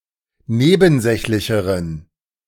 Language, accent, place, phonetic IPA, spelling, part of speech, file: German, Germany, Berlin, [ˈneːbn̩ˌzɛçlɪçəʁən], nebensächlicheren, adjective, De-nebensächlicheren.ogg
- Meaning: inflection of nebensächlich: 1. strong genitive masculine/neuter singular comparative degree 2. weak/mixed genitive/dative all-gender singular comparative degree